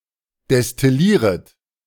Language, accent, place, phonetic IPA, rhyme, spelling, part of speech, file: German, Germany, Berlin, [dɛstɪˈliːʁət], -iːʁət, destillieret, verb, De-destillieret.ogg
- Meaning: second-person plural subjunctive I of destillieren